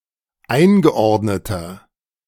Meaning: inflection of eingeordnet: 1. strong/mixed nominative masculine singular 2. strong genitive/dative feminine singular 3. strong genitive plural
- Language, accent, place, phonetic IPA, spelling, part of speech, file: German, Germany, Berlin, [ˈaɪ̯nɡəˌʔɔʁdnətɐ], eingeordneter, adjective, De-eingeordneter.ogg